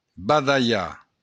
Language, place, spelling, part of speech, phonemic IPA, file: Occitan, Béarn, badalhar, verb, /badaˈʎa/, LL-Q14185 (oci)-badalhar.wav
- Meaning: to yawn